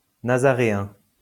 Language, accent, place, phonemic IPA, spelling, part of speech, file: French, France, Lyon, /na.za.ʁe.ɛ̃/, nazaréen, adjective, LL-Q150 (fra)-nazaréen.wav
- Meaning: Nazarene